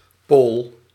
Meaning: a Pole
- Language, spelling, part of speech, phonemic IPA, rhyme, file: Dutch, Pool, noun, /poːl/, -oːl, Nl-Pool.ogg